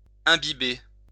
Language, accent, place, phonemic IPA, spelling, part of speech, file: French, France, Lyon, /ɛ̃.bi.be/, imbiber, verb, LL-Q150 (fra)-imbiber.wav
- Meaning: to soak, saturate